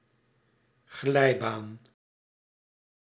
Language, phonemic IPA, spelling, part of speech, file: Dutch, /ˈɣlɛi̯.baːn/, glijbaan, noun, Nl-glijbaan.ogg
- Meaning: children's slide